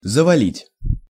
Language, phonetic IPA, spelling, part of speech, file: Russian, [zəvɐˈlʲitʲ], завалить, verb, Ru-завалить.ogg
- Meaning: 1. to heap up, to bury 2. to block, to obstruct